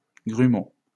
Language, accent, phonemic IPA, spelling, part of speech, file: French, France, /ɡʁy.mo/, grumeau, noun, LL-Q150 (fra)-grumeau.wav
- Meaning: lump